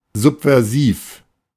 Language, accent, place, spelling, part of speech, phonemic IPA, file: German, Germany, Berlin, subversiv, adjective, /ˌzupvɛʁˈziːf/, De-subversiv.ogg
- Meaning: subversive